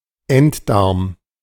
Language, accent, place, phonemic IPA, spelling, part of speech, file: German, Germany, Berlin, /ˈɛntˌdaʁm/, Enddarm, noun, De-Enddarm.ogg
- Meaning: rectum